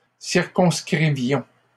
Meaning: inflection of circonscrire: 1. first-person plural imperfect indicative 2. first-person plural present subjunctive
- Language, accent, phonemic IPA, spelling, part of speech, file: French, Canada, /siʁ.kɔ̃s.kʁi.vjɔ̃/, circonscrivions, verb, LL-Q150 (fra)-circonscrivions.wav